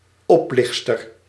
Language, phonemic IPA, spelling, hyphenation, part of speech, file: Dutch, /ˈɔpˌlɪx(t).stər/, oplichtster, op‧licht‧ster, noun, Nl-oplichtster.ogg
- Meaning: 1. female imposter, fraud 2. female con-artist